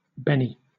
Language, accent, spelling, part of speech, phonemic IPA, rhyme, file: English, Southern England, Benny, proper noun / noun, /ˈbɛni/, -ɛni, LL-Q1860 (eng)-Benny.wav
- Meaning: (proper noun) 1. A nickname for a man named Benjamin 2. A nickname for a woman named Bernice or Bernadette; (noun) 1. A stupid or dull-witted person 2. A temper tantrum